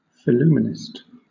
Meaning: A person who collects match-related items, like matchbox labels, matchboxes, matchbooks, or matchbook covers
- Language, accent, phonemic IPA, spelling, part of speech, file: English, Southern England, /fɪˈluːmənɪst/, phillumenist, noun, LL-Q1860 (eng)-phillumenist.wav